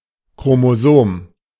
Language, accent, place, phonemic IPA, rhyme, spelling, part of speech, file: German, Germany, Berlin, /kʁomoˈzoːm/, -oːm, Chromosom, noun, De-Chromosom.ogg
- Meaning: chromosome (structure in the cell nucleus)